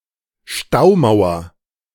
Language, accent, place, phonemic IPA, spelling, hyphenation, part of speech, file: German, Germany, Berlin, /ˈʃtaʊˌmaʊ̯ɐ/, Staumauer, Stau‧mau‧er, noun, De-Staumauer.ogg
- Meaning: dam, dam wall